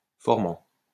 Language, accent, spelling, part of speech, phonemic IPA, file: French, France, formant, noun / verb, /fɔʁ.mɑ̃/, LL-Q150 (fra)-formant.wav
- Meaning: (noun) formant (band of frequencies, in a sound spectrum, that have a greater intensity; they determine the quality of a sound; especially the characteristic sounds of the consonants)